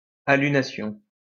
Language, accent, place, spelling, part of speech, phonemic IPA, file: French, France, Lyon, alunation, noun, /a.ly.na.sjɔ̃/, LL-Q150 (fra)-alunation.wav
- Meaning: aluming